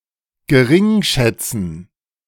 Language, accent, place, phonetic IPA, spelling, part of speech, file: German, Germany, Berlin, [ɡəˈʁɪŋˌʃɛt͡sn̩], gering schätzen, verb, De-gering schätzen.ogg
- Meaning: alternative spelling of geringschätzen (permitted since 1996; preferred by Duden)